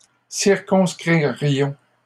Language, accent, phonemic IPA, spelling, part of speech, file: French, Canada, /siʁ.kɔ̃s.kʁi.ʁjɔ̃/, circonscririons, verb, LL-Q150 (fra)-circonscririons.wav
- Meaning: first-person plural conditional of circonscrire